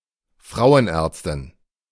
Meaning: gynecologist (female)
- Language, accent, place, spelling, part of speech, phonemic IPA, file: German, Germany, Berlin, Frauenärztin, noun, /ˈfʁaʊənˌɛʁtstɪn/, De-Frauenärztin.ogg